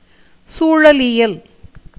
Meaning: ecology
- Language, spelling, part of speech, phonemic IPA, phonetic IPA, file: Tamil, சூழலியல், noun, /tʃuːɻɐlɪjɐl/, [suːɻɐlɪjɐl], Ta-சூழலியல்.ogg